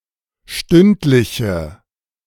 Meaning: inflection of stündlich: 1. strong/mixed nominative/accusative feminine singular 2. strong nominative/accusative plural 3. weak nominative all-gender singular
- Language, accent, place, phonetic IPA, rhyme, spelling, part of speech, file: German, Germany, Berlin, [ˈʃtʏntlɪçə], -ʏntlɪçə, stündliche, adjective, De-stündliche.ogg